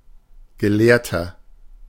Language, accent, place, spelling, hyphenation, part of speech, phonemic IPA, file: German, Germany, Berlin, Gelehrter, Ge‧lehr‧ter, noun, /ɡəˈleːɐ̯tɐ/, De-Gelehrter.ogg
- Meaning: 1. scholar, savant, pundit, man of letters, academic (male or of unspecified gender) 2. inflection of Gelehrte: strong genitive/dative singular 3. inflection of Gelehrte: strong genitive plural